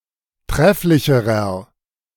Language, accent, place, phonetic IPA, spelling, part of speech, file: German, Germany, Berlin, [ˈtʁɛflɪçəʁɐ], trefflicherer, adjective, De-trefflicherer.ogg
- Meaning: inflection of trefflich: 1. strong/mixed nominative masculine singular comparative degree 2. strong genitive/dative feminine singular comparative degree 3. strong genitive plural comparative degree